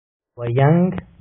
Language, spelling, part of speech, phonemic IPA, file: Pashto, وينګ, noun, /waˈjaŋɡ/, Ps-وينګ.oga
- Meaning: pronunciation